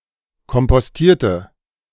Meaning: inflection of kompostieren: 1. first/third-person singular preterite 2. first/third-person singular subjunctive II
- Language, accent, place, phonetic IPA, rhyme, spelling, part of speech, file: German, Germany, Berlin, [kɔmpɔsˈtiːɐ̯tə], -iːɐ̯tə, kompostierte, adjective / verb, De-kompostierte.ogg